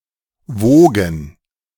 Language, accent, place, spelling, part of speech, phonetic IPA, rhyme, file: German, Germany, Berlin, wogen, verb, [ˈvoːɡn̩], -oːɡn̩, De-wogen.ogg
- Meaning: 1. to undulate, to move in a wavelike manner 2. first/third-person plural preterite of wiegen